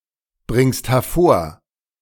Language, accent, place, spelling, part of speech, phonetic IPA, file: German, Germany, Berlin, bringst hervor, verb, [ˌbʁɪŋst hɛɐ̯ˈfoːɐ̯], De-bringst hervor.ogg
- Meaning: second-person singular present of hervorbringen